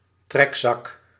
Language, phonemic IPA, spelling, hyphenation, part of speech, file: Dutch, /ˈtrɛk.sɑk/, trekzak, trek‧zak, noun, Nl-trekzak.ogg
- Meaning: bisonoric squeezebox, button accordion